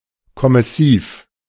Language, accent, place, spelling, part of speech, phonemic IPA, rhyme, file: German, Germany, Berlin, kommissiv, adjective, /kɔmɪˈsiːf/, -iːf, De-kommissiv.ogg
- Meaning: commissive